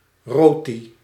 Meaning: the Indian Surinamese version of roti; a soft, flexible, unleavened flatbread of about 20-30 centimetres in diameter, usually with a potato or pea filling baked into it
- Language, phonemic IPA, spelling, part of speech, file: Dutch, /ˈrɔti/, roti, noun, Nl-roti.ogg